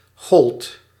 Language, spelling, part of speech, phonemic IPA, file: Dutch, gold, verb, /ɣɔlt/, Nl-gold.ogg
- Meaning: singular past indicative of gelden